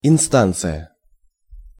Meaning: 1. instance 2. authority 3. channels, hierarchy
- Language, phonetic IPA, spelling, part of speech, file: Russian, [ɪnˈstant͡sɨjə], инстанция, noun, Ru-инстанция.ogg